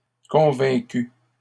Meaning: masculine plural of convaincu
- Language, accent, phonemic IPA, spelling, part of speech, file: French, Canada, /kɔ̃.vɛ̃.ky/, convaincus, verb, LL-Q150 (fra)-convaincus.wav